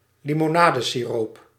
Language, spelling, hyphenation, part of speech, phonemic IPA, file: Dutch, limonadesiroop, li‧mo‧na‧de‧si‧roop, noun, /li.moːˈnaː.də.siˌroːp/, Nl-limonadesiroop.ogg
- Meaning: cordial (concentrated noncarbonated soft drink diluted with water before drinking)